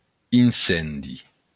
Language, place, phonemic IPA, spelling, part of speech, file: Occitan, Béarn, /inˈsendi/, incendi, noun, LL-Q14185 (oci)-incendi.wav
- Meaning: fire (out of control, destructive fire)